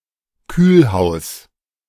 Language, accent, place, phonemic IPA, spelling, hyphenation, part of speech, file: German, Germany, Berlin, /ˈkyːlˌhaʊ̯s/, Kühlhaus, Kühl‧haus, noun, De-Kühlhaus.ogg
- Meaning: cold storage warehouse